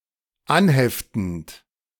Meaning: present participle of anheften
- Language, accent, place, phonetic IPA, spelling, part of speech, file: German, Germany, Berlin, [ˈanˌhɛftn̩t], anheftend, verb, De-anheftend.ogg